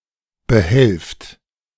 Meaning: inflection of behelfen: 1. second-person plural present 2. plural imperative
- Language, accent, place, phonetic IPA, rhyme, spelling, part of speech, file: German, Germany, Berlin, [bəˈhɛlft], -ɛlft, behelft, verb, De-behelft.ogg